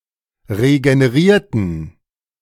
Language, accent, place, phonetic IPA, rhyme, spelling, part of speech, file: German, Germany, Berlin, [ʁeɡəneˈʁiːɐ̯tn̩], -iːɐ̯tn̩, regenerierten, adjective / verb, De-regenerierten.ogg
- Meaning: inflection of regenerieren: 1. first/third-person plural preterite 2. first/third-person plural subjunctive II